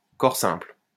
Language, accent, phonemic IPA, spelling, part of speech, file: French, France, /kɔʁ sɛ̃pl/, corps simple, noun, LL-Q150 (fra)-corps simple.wav
- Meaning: elementary substance